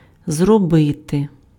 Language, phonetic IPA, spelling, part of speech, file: Ukrainian, [zrɔˈbɪte], зробити, verb, Uk-зробити.ogg
- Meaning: to do, to make